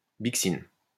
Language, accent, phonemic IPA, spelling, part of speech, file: French, France, /bik.sin/, bixine, noun, LL-Q150 (fra)-bixine.wav
- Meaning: bixin